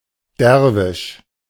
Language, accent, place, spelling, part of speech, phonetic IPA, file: German, Germany, Berlin, Derwisch, noun, [ˈdɛʁvɪʃ], De-Derwisch.ogg
- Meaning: dervish